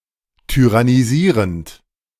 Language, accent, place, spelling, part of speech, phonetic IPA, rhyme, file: German, Germany, Berlin, tyrannisierend, verb, [tyʁaniˈziːʁənt], -iːʁənt, De-tyrannisierend.ogg
- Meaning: present participle of tyrannisieren